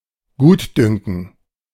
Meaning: discretion (freedom to make independent decisions)
- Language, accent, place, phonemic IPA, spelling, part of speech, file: German, Germany, Berlin, /ˈɡuːtˌdʏŋkn̩/, Gutdünken, noun, De-Gutdünken.ogg